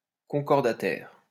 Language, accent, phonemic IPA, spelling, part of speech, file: French, France, /kɔ̃.kɔʁ.da.tɛʁ/, concordataire, adjective, LL-Q150 (fra)-concordataire.wav
- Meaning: Relating to a concordat, but especially to the 1801 Concordat between France and the Papacy